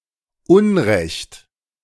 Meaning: 1. injustice 2. wrongdoing
- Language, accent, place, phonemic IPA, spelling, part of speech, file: German, Germany, Berlin, /ˈʊnʁɛçt/, Unrecht, noun, De-Unrecht.ogg